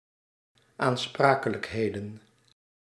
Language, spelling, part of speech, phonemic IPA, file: Dutch, aansprakelijkheden, noun, /anˈsprakələkˌhedə(n)/, Nl-aansprakelijkheden.ogg
- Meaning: plural of aansprakelijkheid